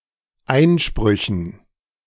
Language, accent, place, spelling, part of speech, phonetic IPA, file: German, Germany, Berlin, Einsprüchen, noun, [ˈaɪ̯nˌʃpʁʏçn̩], De-Einsprüchen.ogg
- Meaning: dative plural of Einspruch